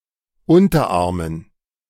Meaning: dative plural of Unterarm
- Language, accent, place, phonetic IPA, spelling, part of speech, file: German, Germany, Berlin, [ˈʊntɐˌʔaʁmən], Unterarmen, noun, De-Unterarmen.ogg